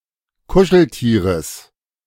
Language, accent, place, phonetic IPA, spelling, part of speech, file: German, Germany, Berlin, [ˈkʊʃl̩ˌtiːʁəs], Kuscheltieres, noun, De-Kuscheltieres.ogg
- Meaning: genitive singular of Kuscheltier